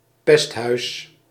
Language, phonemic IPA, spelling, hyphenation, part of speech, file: Dutch, /ˈpɛst.ɦœy̯s/, pesthuis, pest‧huis, noun, Nl-pesthuis.ogg
- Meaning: pesthouse